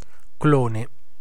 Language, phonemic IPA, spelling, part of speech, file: Italian, /ˈklo.ne/, clone, noun, It-clone.ogg